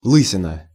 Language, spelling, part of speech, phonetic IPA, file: Russian, лысина, noun, [ˈɫɨsʲɪnə], Ru-лысина.ogg
- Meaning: bald spot, bald patch; bald head